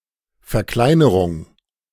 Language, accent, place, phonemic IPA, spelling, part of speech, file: German, Germany, Berlin, /fɛɐ̯ˈklaɪ̯nəʁʊŋ/, Verkleinerung, noun, De-Verkleinerung.ogg
- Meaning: 1. downsize, to make smaller, opposite of enlargement 2. reduction 3. diminutive 4. shrinkage